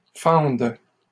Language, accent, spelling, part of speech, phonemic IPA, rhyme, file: French, Canada, fende, verb, /fɑ̃d/, -ɑ̃d, LL-Q150 (fra)-fende.wav
- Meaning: first/third-person singular present subjunctive of fendre